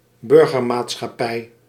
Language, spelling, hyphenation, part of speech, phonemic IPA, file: Dutch, burgermaatschappij, bur‧ger‧maat‧schap‧pij, noun, /ˈbʏr.ɣər.maːt.sxɑˌpɛi̯/, Nl-burgermaatschappij.ogg
- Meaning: civilian society